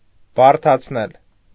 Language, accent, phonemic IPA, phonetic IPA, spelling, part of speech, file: Armenian, Eastern Armenian, /bɑɾtʰɑt͡sʰˈnel/, [bɑɾtʰɑt͡sʰnél], բարդացնել, verb, Hy-բարդացնել.ogg
- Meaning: 1. causative of բարդանալ (bardanal) 2. causative of բարդանալ (bardanal): to complicate